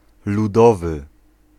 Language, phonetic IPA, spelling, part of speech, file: Polish, [luˈdɔvɨ], ludowy, adjective, Pl-ludowy.ogg